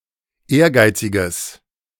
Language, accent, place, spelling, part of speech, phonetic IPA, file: German, Germany, Berlin, ehrgeiziges, adjective, [ˈeːɐ̯ˌɡaɪ̯t͡sɪɡəs], De-ehrgeiziges.ogg
- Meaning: strong/mixed nominative/accusative neuter singular of ehrgeizig